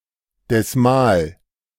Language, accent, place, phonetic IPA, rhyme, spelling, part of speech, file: German, Germany, Berlin, [dɛsˈmaːl], -aːl, desmal, adjective, De-desmal.ogg
- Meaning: chondral